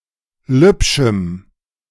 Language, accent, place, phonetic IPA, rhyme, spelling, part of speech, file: German, Germany, Berlin, [ˈlʏpʃm̩], -ʏpʃm̩, lübschem, adjective, De-lübschem.ogg
- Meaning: strong dative masculine/neuter singular of lübsch